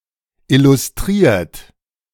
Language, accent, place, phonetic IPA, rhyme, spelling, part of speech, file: German, Germany, Berlin, [ˌɪlʊsˈtʁiːɐ̯t], -iːɐ̯t, illustriert, verb, De-illustriert.ogg
- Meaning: 1. past participle of illustrieren 2. inflection of illustrieren: third-person singular present 3. inflection of illustrieren: second-person plural present